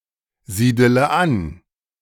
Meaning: inflection of ansiedeln: 1. first-person singular present 2. first-person plural subjunctive I 3. third-person singular subjunctive I 4. singular imperative
- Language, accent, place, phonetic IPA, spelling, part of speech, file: German, Germany, Berlin, [ˌziːdələ ˈan], siedele an, verb, De-siedele an.ogg